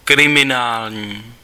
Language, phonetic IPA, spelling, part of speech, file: Czech, [ˈkrɪmɪnaːlɲiː], kriminální, adjective, Cs-kriminální.ogg
- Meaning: crime, criminal